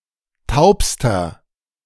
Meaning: inflection of taub: 1. strong/mixed nominative masculine singular superlative degree 2. strong genitive/dative feminine singular superlative degree 3. strong genitive plural superlative degree
- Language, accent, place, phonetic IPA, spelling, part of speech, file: German, Germany, Berlin, [ˈtaʊ̯pstɐ], taubster, adjective, De-taubster.ogg